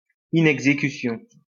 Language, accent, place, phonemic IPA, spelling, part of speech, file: French, France, Lyon, /i.nɛɡ.ze.ky.sjɔ̃/, inexécution, noun, LL-Q150 (fra)-inexécution.wav
- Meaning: inexecution (failure to execute or carry out)